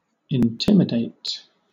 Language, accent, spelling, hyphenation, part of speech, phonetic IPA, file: English, Southern England, intimidate, in‧tim‧i‧date, verb, [ɪnˈtʰɪmɪdeɪ̯t], LL-Q1860 (eng)-intimidate.wav
- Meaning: To make timid or afraid; to cause to feel fear or nervousness; to deter, especially by threats of violence